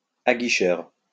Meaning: alluring, enticing
- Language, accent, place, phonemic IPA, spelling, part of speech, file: French, France, Lyon, /a.ɡi.ʃœʁ/, aguicheur, adjective, LL-Q150 (fra)-aguicheur.wav